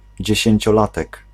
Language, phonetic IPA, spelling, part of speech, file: Polish, [ˌd͡ʑɛ̇ɕɛ̇̃ɲt͡ɕɔˈlatɛk], dziesięciolatek, noun, Pl-dziesięciolatek.ogg